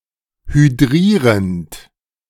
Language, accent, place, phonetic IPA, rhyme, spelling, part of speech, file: German, Germany, Berlin, [hyˈdʁiːʁənt], -iːʁənt, hydrierend, verb, De-hydrierend.ogg
- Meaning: present participle of hydrieren